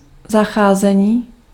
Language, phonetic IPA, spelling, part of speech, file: Czech, [ˈzaxaːzɛɲiː], zacházení, noun, Cs-zacházení.ogg
- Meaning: 1. verbal noun of zacházet 2. treatment (the process or manner of treating someone or something)